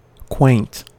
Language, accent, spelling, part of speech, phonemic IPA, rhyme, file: English, US, quaint, adjective / noun, /kweɪnt/, -eɪnt, En-us-quaint.ogg
- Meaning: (adjective) 1. Of a person: cunning, crafty 2. Cleverly made; artfully contrived 3. Strange or odd; unusual 4. Overly discriminating or needlessly meticulous; fastidious; prim